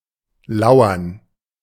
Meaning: 1. lurk; to follow, watch, or spy in hiding or in the background 2. to lie in wait or ambush
- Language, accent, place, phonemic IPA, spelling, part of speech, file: German, Germany, Berlin, /ˈlauɐn/, lauern, verb, De-lauern.ogg